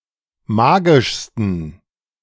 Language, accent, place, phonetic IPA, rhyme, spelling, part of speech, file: German, Germany, Berlin, [ˈmaːɡɪʃstn̩], -aːɡɪʃstn̩, magischsten, adjective, De-magischsten.ogg
- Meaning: 1. superlative degree of magisch 2. inflection of magisch: strong genitive masculine/neuter singular superlative degree